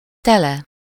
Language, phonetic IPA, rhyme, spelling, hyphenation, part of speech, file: Hungarian, [ˈtɛlɛ], -lɛ, tele, te‧le, adverb / adjective / noun, Hu-tele.ogg
- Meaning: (adverb) full (of something -val/-vel), normally with explicit or implied van; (adjective) full (of something -val/-vel)